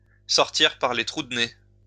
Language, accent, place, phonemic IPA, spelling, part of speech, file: French, France, Lyon, /sɔʁ.tiʁ paʁ le tʁu d(ə) ne/, sortir par les trous de nez, verb, LL-Q150 (fra)-sortir par les trous de nez.wav
- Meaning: to get up someone's nose, to exasperate